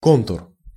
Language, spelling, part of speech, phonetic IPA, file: Russian, контур, noun, [ˈkontʊr], Ru-контур.ogg
- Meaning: 1. contour, outline 2. circuit